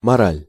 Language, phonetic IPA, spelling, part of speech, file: Russian, [mɐˈralʲ], мораль, noun, Ru-мораль.ogg
- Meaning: 1. morals; morality 2. lecturing, reprimanding, telling someone off 3. mental, morale